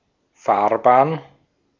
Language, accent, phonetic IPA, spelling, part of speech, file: German, Austria, [ˈfaːɐ̯ˌbaːn], Fahrbahn, noun, De-at-Fahrbahn.ogg
- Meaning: 1. lane (of traffic in a road) 2. roadway, carriageway 3. runway